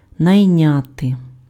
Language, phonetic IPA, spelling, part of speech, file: Ukrainian, [nɐi̯ˈnʲate], найняти, verb, Uk-найняти.ogg
- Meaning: to hire (employ)